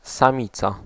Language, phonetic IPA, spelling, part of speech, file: Polish, [sãˈmʲit͡sa], samica, noun, Pl-samica.ogg